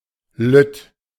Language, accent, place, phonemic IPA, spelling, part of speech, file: German, Germany, Berlin, /lʏt/, lütt, adjective, De-lütt.ogg
- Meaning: small, little